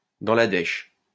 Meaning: broke
- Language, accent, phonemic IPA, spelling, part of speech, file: French, France, /dɑ̃ la dɛʃ/, dans la dèche, prepositional phrase, LL-Q150 (fra)-dans la dèche.wav